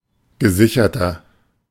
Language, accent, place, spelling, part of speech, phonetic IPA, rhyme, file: German, Germany, Berlin, gesicherter, adjective, [ɡəˈzɪçɐtɐ], -ɪçɐtɐ, De-gesicherter.ogg
- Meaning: inflection of gesichert: 1. strong/mixed nominative masculine singular 2. strong genitive/dative feminine singular 3. strong genitive plural